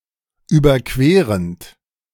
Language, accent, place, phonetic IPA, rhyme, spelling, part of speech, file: German, Germany, Berlin, [ˌyːbɐˈkveːʁənt], -eːʁənt, überquerend, verb, De-überquerend.ogg
- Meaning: present participle of überqueren